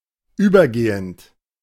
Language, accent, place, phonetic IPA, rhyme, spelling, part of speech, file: German, Germany, Berlin, [ˈyːbɐˌɡeːənt], -yːbɐɡeːənt, übergehend, verb, De-übergehend.ogg
- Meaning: present participle of übergehen